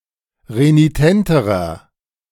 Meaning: inflection of renitent: 1. strong/mixed nominative masculine singular comparative degree 2. strong genitive/dative feminine singular comparative degree 3. strong genitive plural comparative degree
- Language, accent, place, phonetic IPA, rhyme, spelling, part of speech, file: German, Germany, Berlin, [ʁeniˈtɛntəʁɐ], -ɛntəʁɐ, renitenterer, adjective, De-renitenterer.ogg